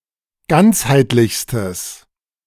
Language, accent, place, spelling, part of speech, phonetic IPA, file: German, Germany, Berlin, ganzheitlichstes, adjective, [ˈɡant͡shaɪ̯tlɪçstəs], De-ganzheitlichstes.ogg
- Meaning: strong/mixed nominative/accusative neuter singular superlative degree of ganzheitlich